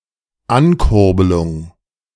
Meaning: 1. cranking up 2. boosting
- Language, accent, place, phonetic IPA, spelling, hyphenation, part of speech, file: German, Germany, Berlin, [ˈankʊʁbəlʊŋ], Ankurbelung, An‧kur‧be‧lung, noun, De-Ankurbelung.ogg